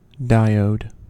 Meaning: An electronic device that allows current to flow in one direction only; used chiefly as a rectifier
- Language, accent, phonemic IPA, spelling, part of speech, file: English, US, /ˈdaɪ.oʊd/, diode, noun, En-us-diode.ogg